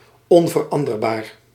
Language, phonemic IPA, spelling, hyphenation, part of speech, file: Dutch, /ˌɔn.vərˈɑn.dər.baːr/, onveranderbaar, on‧ver‧an‧der‧baar, adjective, Nl-onveranderbaar.ogg
- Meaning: unchangeable, immutable